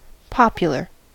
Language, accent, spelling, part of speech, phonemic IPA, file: English, US, popular, adjective / noun, /ˈpɑ.pjə.lɚ/, En-us-popular.ogg
- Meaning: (adjective) 1. Common among the general public; generally accepted 2. Concerning the people; public 3. Pertaining to or deriving from the people or general public